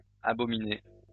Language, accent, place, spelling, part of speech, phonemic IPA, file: French, France, Lyon, abominées, verb, /a.bɔ.mi.ne/, LL-Q150 (fra)-abominées.wav
- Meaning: feminine plural of abominé